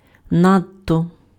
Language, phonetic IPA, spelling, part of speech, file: Ukrainian, [ˈnadtɔ], надто, adverb, Uk-надто.ogg
- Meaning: too (excessively)